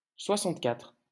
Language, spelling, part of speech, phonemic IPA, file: French, soixante-quatre, numeral, /swa.sɑ̃t.katʁ/, LL-Q150 (fra)-soixante-quatre.wav
- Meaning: sixty-four